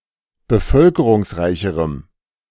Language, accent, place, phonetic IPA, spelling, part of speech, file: German, Germany, Berlin, [bəˈfœlkəʁʊŋsˌʁaɪ̯çəʁəm], bevölkerungsreicherem, adjective, De-bevölkerungsreicherem.ogg
- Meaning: strong dative masculine/neuter singular comparative degree of bevölkerungsreich